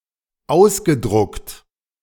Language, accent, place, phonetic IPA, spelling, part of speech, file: German, Germany, Berlin, [ˈaʊ̯sɡəˌdʁʊkt], ausgedruckt, verb, De-ausgedruckt.ogg
- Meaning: past participle of ausdrucken